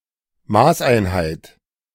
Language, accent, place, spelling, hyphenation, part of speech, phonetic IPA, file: German, Germany, Berlin, Maßeinheit, Maß‧ein‧heit, noun, [ˈmaːsʔaɪ̯nˌhaɪ̯t], De-Maßeinheit.ogg
- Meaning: unit of measure